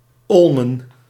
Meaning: plural of olm
- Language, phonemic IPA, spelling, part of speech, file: Dutch, /ˈɔlmə(n)/, olmen, adjective / noun, Nl-olmen.ogg